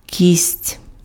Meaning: bone
- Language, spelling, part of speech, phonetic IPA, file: Ukrainian, кість, noun, [kʲisʲtʲ], Uk-кість.ogg